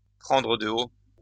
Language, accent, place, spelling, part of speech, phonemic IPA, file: French, France, Lyon, prendre de haut, verb, /pʁɑ̃.dʁə də o/, LL-Q150 (fra)-prendre de haut.wav
- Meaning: to look down on someone, to look down one's nose on someone; to talk down, to patronize